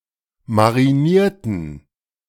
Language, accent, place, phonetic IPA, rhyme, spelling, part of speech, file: German, Germany, Berlin, [maʁiˈniːɐ̯tn̩], -iːɐ̯tn̩, marinierten, adjective / verb, De-marinierten.ogg
- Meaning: inflection of marinieren: 1. first/third-person plural preterite 2. first/third-person plural subjunctive II